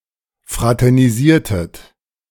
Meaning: inflection of fraternisieren: 1. second-person plural preterite 2. second-person plural subjunctive II
- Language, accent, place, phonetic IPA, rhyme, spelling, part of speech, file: German, Germany, Berlin, [ˌfʁatɛʁniˈziːɐ̯tət], -iːɐ̯tət, fraternisiertet, verb, De-fraternisiertet.ogg